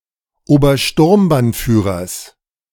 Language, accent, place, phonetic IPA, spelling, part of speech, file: German, Germany, Berlin, [oːbɐˈʃtʊʁmbanˌfyːʁɐs], Obersturmbannführers, noun, De-Obersturmbannführers.ogg
- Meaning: genitive singular of Obersturmbannführer